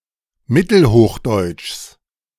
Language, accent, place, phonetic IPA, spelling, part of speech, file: German, Germany, Berlin, [ˈmɪtl̩ˌhoːxdɔɪ̯t͡ʃs], Mittelhochdeutschs, noun, De-Mittelhochdeutschs.ogg
- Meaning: genitive singular of Mittelhochdeutsch